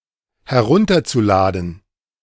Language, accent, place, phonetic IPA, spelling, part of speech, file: German, Germany, Berlin, [hɛˈʁʊntɐt͡suˌlaːdn̩], herunterzuladen, verb, De-herunterzuladen.ogg
- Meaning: zu-infinitive of herunterladen